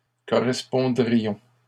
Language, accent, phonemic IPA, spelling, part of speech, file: French, Canada, /kɔ.ʁɛs.pɔ̃.dʁi.jɔ̃/, correspondrions, verb, LL-Q150 (fra)-correspondrions.wav
- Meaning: first-person plural conditional of correspondre